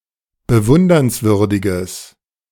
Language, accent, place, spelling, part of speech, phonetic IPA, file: German, Germany, Berlin, bewundernswürdiges, adjective, [bəˈvʊndɐnsˌvʏʁdɪɡəs], De-bewundernswürdiges.ogg
- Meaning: strong/mixed nominative/accusative neuter singular of bewundernswürdig